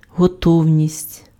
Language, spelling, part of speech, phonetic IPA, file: Ukrainian, готовність, noun, [ɦɔˈtɔu̯nʲisʲtʲ], Uk-готовність.ogg
- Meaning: 1. readiness, preparedness 2. willingness